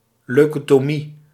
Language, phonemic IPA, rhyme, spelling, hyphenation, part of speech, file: Dutch, /ˌlœy̯.koː.toːˈmi/, -i, leukotomie, leu‧ko‧to‧mie, noun, Nl-leukotomie.ogg
- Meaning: leucotomy